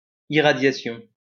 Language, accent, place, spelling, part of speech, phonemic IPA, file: French, France, Lyon, irradiation, noun, /i.ʁa.dja.sjɔ̃/, LL-Q150 (fra)-irradiation.wav
- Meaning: irradiation